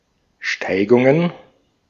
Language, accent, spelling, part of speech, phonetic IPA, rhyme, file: German, Austria, Steigungen, noun, [ˈʃtaɪ̯ɡʊŋən], -aɪ̯ɡʊŋən, De-at-Steigungen.ogg
- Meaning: plural of Steigung